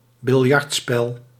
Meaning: cue sport, billiards
- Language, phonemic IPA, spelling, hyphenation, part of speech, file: Dutch, /bɪlˈjɑrtˌspɛl/, biljartspel, bil‧jart‧spel, noun, Nl-biljartspel.ogg